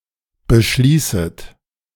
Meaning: second-person plural subjunctive I of beschließen
- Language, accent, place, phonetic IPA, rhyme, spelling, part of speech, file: German, Germany, Berlin, [bəˈʃliːsət], -iːsət, beschließet, verb, De-beschließet.ogg